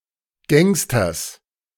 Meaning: genitive singular of Gangster
- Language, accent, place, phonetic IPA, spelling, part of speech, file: German, Germany, Berlin, [ˈɡɛŋstɐs], Gangsters, noun, De-Gangsters.ogg